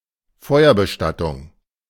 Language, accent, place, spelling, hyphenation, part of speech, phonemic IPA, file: German, Germany, Berlin, Feuerbestattung, Feu‧er‧be‧stat‧tung, noun, /ˈfɔɪ̯ɐbəˌʃtatʊŋ/, De-Feuerbestattung.ogg
- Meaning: cremation